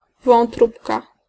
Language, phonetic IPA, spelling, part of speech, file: Polish, [vɔ̃nˈtrupka], wątróbka, noun, Pl-wątróbka.ogg